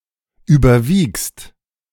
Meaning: second-person singular present of überwiegen
- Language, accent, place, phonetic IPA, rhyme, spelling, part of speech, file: German, Germany, Berlin, [ˌyːbɐˈviːkst], -iːkst, überwiegst, verb, De-überwiegst.ogg